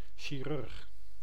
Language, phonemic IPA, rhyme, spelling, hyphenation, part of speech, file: Dutch, /ʃiˈrʏrx/, -ʏrx, chirurg, chi‧rurg, noun, Nl-chirurg.ogg
- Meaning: surgeon